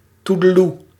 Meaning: bye, toodle-oo
- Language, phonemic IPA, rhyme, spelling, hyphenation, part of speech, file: Dutch, /ˌtu.dəˈlu/, -u, toedeloe, toe‧de‧loe, interjection, Nl-toedeloe.ogg